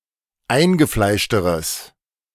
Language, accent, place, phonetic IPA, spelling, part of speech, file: German, Germany, Berlin, [ˈaɪ̯nɡəˌflaɪ̯ʃtəʁəs], eingefleischteres, adjective, De-eingefleischteres.ogg
- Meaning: strong/mixed nominative/accusative neuter singular comparative degree of eingefleischt